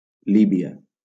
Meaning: Libya (a country in North Africa)
- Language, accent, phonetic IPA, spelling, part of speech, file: Catalan, Valencia, [ˈli.bi.a], Líbia, proper noun, LL-Q7026 (cat)-Líbia.wav